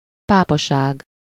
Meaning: papacy
- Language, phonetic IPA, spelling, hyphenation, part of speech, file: Hungarian, [ˈpaːpɒʃaːɡ], pápaság, pá‧pa‧ság, noun, Hu-pápaság.ogg